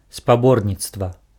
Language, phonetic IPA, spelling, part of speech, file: Belarusian, [spaˈbornʲit͡stva], спаборніцтва, noun, Be-спаборніцтва.ogg
- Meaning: competition (contest for a prize or award)